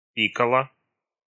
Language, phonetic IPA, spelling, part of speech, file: Russian, [ˈpʲikəɫə], пикала, verb, Ru-пикала.ogg
- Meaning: feminine singular past indicative imperfective of пи́кать (píkatʹ)